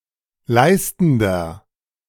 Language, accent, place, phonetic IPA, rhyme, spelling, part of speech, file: German, Germany, Berlin, [ˈlaɪ̯stn̩dɐ], -aɪ̯stn̩dɐ, leistender, adjective, De-leistender.ogg
- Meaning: inflection of leistend: 1. strong/mixed nominative masculine singular 2. strong genitive/dative feminine singular 3. strong genitive plural